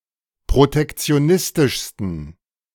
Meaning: 1. superlative degree of protektionistisch 2. inflection of protektionistisch: strong genitive masculine/neuter singular superlative degree
- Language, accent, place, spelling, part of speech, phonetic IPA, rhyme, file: German, Germany, Berlin, protektionistischsten, adjective, [pʁotɛkt͡si̯oˈnɪstɪʃstn̩], -ɪstɪʃstn̩, De-protektionistischsten.ogg